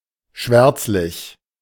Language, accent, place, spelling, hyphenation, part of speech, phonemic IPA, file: German, Germany, Berlin, schwärzlich, schwärz‧lich, adjective, /ˈʃvɛʁt͡slɪç/, De-schwärzlich.ogg
- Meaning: blackish